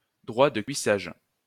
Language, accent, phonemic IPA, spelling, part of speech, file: French, France, /dʁwa də kɥi.saʒ/, droit de cuissage, noun, LL-Q150 (fra)-droit de cuissage.wav
- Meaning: droit de seigneur, droit du seigneur, ius primae noctis (supposed right of the feudal lord to deflower the maiden bride of one of his subjects)